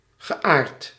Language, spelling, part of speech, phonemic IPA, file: Dutch, geaard, adjective / verb, /ɣəˈʔart/, Nl-geaard.ogg
- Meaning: past participle of aarden